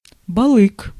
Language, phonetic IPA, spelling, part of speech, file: Russian, [bɐˈɫɨk], балык, noun, Ru-балык.ogg
- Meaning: balyk (smoked or cured meat from the spine of the sturgeon or large salmon)